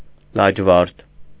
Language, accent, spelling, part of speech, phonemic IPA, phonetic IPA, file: Armenian, Eastern Armenian, լաջվարդ, noun / adjective, /lɑd͡ʒˈvɑɾtʰ/, [lɑd͡ʒvɑ́ɾtʰ], Hy-լաջվարդ.ogg
- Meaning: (noun) 1. lapis lazuli (gem) 2. lapis lazuli (color); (adjective) lapis lazuli